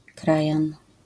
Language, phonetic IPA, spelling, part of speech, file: Polish, [ˈkrajãn], krajan, noun, LL-Q809 (pol)-krajan.wav